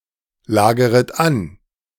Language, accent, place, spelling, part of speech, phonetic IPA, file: German, Germany, Berlin, lageret an, verb, [ˌlaːɡəʁət ˈan], De-lageret an.ogg
- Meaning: second-person plural subjunctive I of anlagern